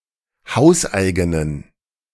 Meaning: inflection of hauseigen: 1. strong genitive masculine/neuter singular 2. weak/mixed genitive/dative all-gender singular 3. strong/weak/mixed accusative masculine singular 4. strong dative plural
- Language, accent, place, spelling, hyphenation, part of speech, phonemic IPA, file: German, Germany, Berlin, hauseigenen, haus‧ei‧ge‧nen, adjective, /ˈhaʊ̯sˌʔaɪ̯ɡənən/, De-hauseigenen.ogg